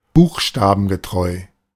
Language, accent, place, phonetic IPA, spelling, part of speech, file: German, Germany, Berlin, [ˈbuːxʃtaːbn̩ɡəˌtʁɔɪ̯], buchstabengetreu, adjective, De-buchstabengetreu.ogg
- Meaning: literal